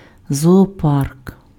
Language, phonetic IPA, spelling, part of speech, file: Ukrainian, [zɔɔˈpark], зоопарк, noun, Uk-зоопарк.ogg
- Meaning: zoo